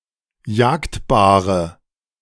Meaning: inflection of jagdbar: 1. strong/mixed nominative/accusative feminine singular 2. strong nominative/accusative plural 3. weak nominative all-gender singular 4. weak accusative feminine/neuter singular
- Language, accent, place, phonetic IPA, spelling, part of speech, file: German, Germany, Berlin, [ˈjaːktbaːʁə], jagdbare, adjective, De-jagdbare.ogg